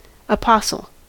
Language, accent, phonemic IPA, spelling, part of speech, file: English, US, /əˈpɑsl̩/, apostle, noun, En-us-apostle.ogg
- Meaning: 1. A missionary, or leader of a religious mission, especially one in the early Christian Church (but see Apostle) 2. A pioneer or early advocate of a particular cause, prophet of a belief